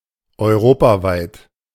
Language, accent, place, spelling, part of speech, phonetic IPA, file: German, Germany, Berlin, europaweit, adjective, [ɔɪ̯ˈʁoːpaˌvaɪ̯t], De-europaweit.ogg
- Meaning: Europewide